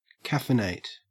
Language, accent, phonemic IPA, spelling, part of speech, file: English, Australia, /ˈkæfɪˌneɪt/, caffeinate, verb, En-au-caffeinate.ogg
- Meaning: 1. To add caffeine to something 2. To drink caffeinated beverages in order to increase one's energy or wakefulness or to enhance physical or mental performance